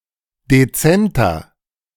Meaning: 1. comparative degree of dezent 2. inflection of dezent: strong/mixed nominative masculine singular 3. inflection of dezent: strong genitive/dative feminine singular
- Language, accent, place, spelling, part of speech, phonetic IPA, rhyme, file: German, Germany, Berlin, dezenter, adjective, [deˈt͡sɛntɐ], -ɛntɐ, De-dezenter.ogg